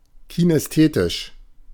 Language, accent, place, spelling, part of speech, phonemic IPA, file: German, Germany, Berlin, kinästhetisch, adjective, /kinɛsˈteːtɪʃ/, De-kinästhetisch.ogg
- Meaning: kinesthetic